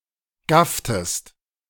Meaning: inflection of gaffen: 1. second-person singular preterite 2. second-person singular subjunctive II
- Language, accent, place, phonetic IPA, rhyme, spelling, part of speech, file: German, Germany, Berlin, [ˈɡaftəst], -aftəst, gafftest, verb, De-gafftest.ogg